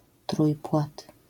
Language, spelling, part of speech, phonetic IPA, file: Polish, trójpłat, noun, [ˈtrujpwat], LL-Q809 (pol)-trójpłat.wav